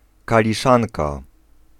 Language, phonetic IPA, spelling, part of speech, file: Polish, [ˌkalʲiˈʃãnka], kaliszanka, noun, Pl-kaliszanka.ogg